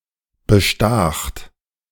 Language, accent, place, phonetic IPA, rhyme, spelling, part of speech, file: German, Germany, Berlin, [bəˈʃtaːxt], -aːxt, bestacht, verb, De-bestacht.ogg
- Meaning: second-person plural preterite of bestechen